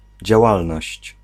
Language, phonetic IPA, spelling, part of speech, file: Polish, [d͡ʑaˈwalnɔɕt͡ɕ], działalność, noun, Pl-działalność.ogg